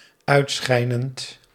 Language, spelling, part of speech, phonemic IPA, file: Dutch, uitschijnend, verb, /ˈœytsxɛinənt/, Nl-uitschijnend.ogg
- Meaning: present participle of uitschijnen